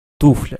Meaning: low shoe (not covering above the ankle)
- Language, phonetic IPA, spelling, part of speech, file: Russian, [ˈtuflʲə], туфля, noun, Ru-туфля.ogg